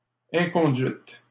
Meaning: misconduct, misbehaviour
- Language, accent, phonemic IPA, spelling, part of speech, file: French, Canada, /ɛ̃.kɔ̃.dɥit/, inconduite, noun, LL-Q150 (fra)-inconduite.wav